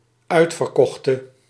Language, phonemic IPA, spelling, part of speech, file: Dutch, /ˈœy̯t.fər.ˌkɔx.tə/, uitverkochte, verb, Nl-uitverkochte.ogg
- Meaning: singular dependent-clause past subjunctive of uitverkopen